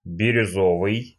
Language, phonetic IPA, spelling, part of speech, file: Russian, [bʲɪrʲʊˈzovɨj], бирюзовый, adjective, Ru-бирюзовый.ogg
- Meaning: turquoise (stone or color)